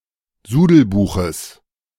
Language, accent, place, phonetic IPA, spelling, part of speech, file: German, Germany, Berlin, [ˈzuːdl̩ˌbuːxəs], Sudelbuches, noun, De-Sudelbuches.ogg
- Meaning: genitive singular of Sudelbuch